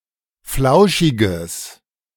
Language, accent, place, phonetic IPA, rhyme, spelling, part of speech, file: German, Germany, Berlin, [ˈflaʊ̯ʃɪɡəs], -aʊ̯ʃɪɡəs, flauschiges, adjective, De-flauschiges.ogg
- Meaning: strong/mixed nominative/accusative neuter singular of flauschig